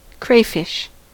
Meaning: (noun) Any of numerous freshwater decapod crustaceans in superfamily Astacoidea or Parastacoidea, resembling the related lobster but usually much smaller
- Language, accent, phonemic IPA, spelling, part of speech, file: English, US, /ˈkɹeɪˌfɪʃ/, crayfish, noun / verb, En-us-crayfish.ogg